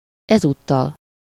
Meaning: 1. this time (around) 2. for a change (as a departure from the usual)
- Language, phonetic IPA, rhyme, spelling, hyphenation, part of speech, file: Hungarian, [ˈɛzuːtːɒl], -ɒl, ezúttal, ez‧út‧tal, adverb, Hu-ezúttal.ogg